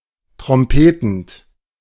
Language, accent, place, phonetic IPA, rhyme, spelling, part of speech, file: German, Germany, Berlin, [tʁɔmˈpeːtn̩t], -eːtn̩t, trompetend, verb, De-trompetend.ogg
- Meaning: present participle of trompeten